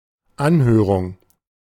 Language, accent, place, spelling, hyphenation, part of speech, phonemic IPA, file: German, Germany, Berlin, Anhörung, An‧hö‧rung, noun, /ˈanˌhøːʁʊŋ/, De-Anhörung.ogg
- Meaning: hearing (proceeding at which discussions are heard)